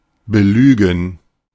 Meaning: to lie to, to tell someone a lie, to tell someone lies
- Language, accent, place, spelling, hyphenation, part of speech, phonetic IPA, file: German, Germany, Berlin, belügen, be‧lü‧gen, verb, [bəˈlyːɡn̩], De-belügen.ogg